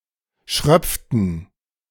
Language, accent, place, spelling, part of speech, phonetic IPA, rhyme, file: German, Germany, Berlin, schröpften, verb, [ˈʃʁœp͡ftn̩], -œp͡ftn̩, De-schröpften.ogg
- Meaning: inflection of schröpfen: 1. first/third-person plural preterite 2. first/third-person plural subjunctive II